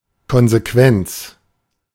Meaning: consequence (that which follows something on which it depends; that which is produced by a cause)
- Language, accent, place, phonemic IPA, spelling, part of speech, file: German, Germany, Berlin, /kɔnzeˈkvɛnt͡s/, Konsequenz, noun, De-Konsequenz.ogg